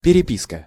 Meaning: correspondence (reciprocal exchange of letters, emails, etc.)
- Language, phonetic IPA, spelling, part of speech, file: Russian, [pʲɪrʲɪˈpʲiskə], переписка, noun, Ru-переписка.ogg